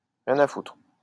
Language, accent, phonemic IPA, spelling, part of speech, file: French, France, /ʁjɛ̃.n‿a futʁ/, rien à foutre, phrase, LL-Q150 (fra)-rien à foutre.wav
- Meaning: I don't give a fuck!